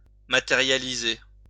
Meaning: 1. to realize, to make happen, to materialize (to cause to take physical form) 2. to materialize (to take physical form)
- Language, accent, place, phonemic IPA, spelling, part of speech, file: French, France, Lyon, /ma.te.ʁja.li.ze/, matérialiser, verb, LL-Q150 (fra)-matérialiser.wav